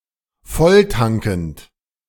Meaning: present participle of volltanken
- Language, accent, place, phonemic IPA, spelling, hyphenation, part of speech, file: German, Germany, Berlin, /ˈfɔltankənt/, volltankend, voll‧tan‧kend, verb, De-volltankend.ogg